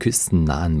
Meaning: inflection of küstennah: 1. strong genitive masculine/neuter singular 2. weak/mixed genitive/dative all-gender singular 3. strong/weak/mixed accusative masculine singular 4. strong dative plural
- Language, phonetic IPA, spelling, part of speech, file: German, [ˈkʏstn̩ˌnaːən], küstennahen, adjective, De-küstennahen.ogg